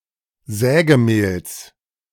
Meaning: genitive singular of Sägemehl
- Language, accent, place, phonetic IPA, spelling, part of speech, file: German, Germany, Berlin, [ˈzɛːɡəˌmeːls], Sägemehls, noun, De-Sägemehls.ogg